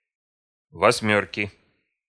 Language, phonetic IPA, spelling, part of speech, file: Russian, [vɐsʲˈmʲɵrkʲɪ], восьмёрки, noun, Ru-восьмёрки.ogg
- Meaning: inflection of восьмёрка (vosʹmjórka): 1. genitive singular 2. nominative/accusative plural